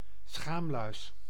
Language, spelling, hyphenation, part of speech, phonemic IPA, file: Dutch, schaamluis, schaam‧luis, noun, /ˈsxaːm.lœy̯s/, Nl-schaamluis.ogg
- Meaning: crab louse, pubic louse